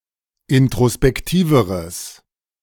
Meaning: strong/mixed nominative/accusative neuter singular comparative degree of introspektiv
- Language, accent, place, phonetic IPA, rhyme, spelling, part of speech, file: German, Germany, Berlin, [ɪntʁospɛkˈtiːvəʁəs], -iːvəʁəs, introspektiveres, adjective, De-introspektiveres.ogg